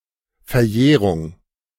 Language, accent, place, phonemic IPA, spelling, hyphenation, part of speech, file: German, Germany, Berlin, /fɛɐ̯ˈjɛːʁʊŋ/, Verjährung, Ver‧jäh‧rung, noun, De-Verjährung.ogg
- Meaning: statute of limitations; prescription (established time period within which a right must be exercised)